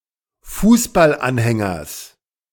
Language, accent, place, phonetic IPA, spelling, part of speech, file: German, Germany, Berlin, [ˈfuːsbalˌʔanhɛŋɐs], Fußballanhängers, noun, De-Fußballanhängers.ogg
- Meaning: genitive singular of Fußballanhänger